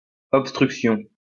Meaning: 1. block (something that prevents passing) 2. obstruction
- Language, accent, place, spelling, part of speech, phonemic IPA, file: French, France, Lyon, obstruction, noun, /ɔp.stʁyk.sjɔ̃/, LL-Q150 (fra)-obstruction.wav